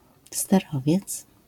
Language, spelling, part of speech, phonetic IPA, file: Polish, sterowiec, noun, [stɛˈrɔvʲjɛt͡s], LL-Q809 (pol)-sterowiec.wav